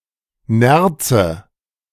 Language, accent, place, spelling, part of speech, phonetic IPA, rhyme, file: German, Germany, Berlin, Nerze, noun, [ˈnɛʁt͡sə], -ɛʁt͡sə, De-Nerze.ogg
- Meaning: nominative/accusative/genitive plural of Nerz